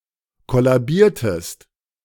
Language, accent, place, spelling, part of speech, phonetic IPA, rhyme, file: German, Germany, Berlin, kollabiertest, verb, [ˌkɔlaˈbiːɐ̯təst], -iːɐ̯təst, De-kollabiertest.ogg
- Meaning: inflection of kollabieren: 1. second-person singular preterite 2. second-person singular subjunctive II